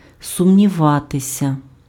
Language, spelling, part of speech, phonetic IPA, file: Ukrainian, сумніватися, verb, [sʊmnʲiˈʋatesʲɐ], Uk-сумніватися.ogg
- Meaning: to doubt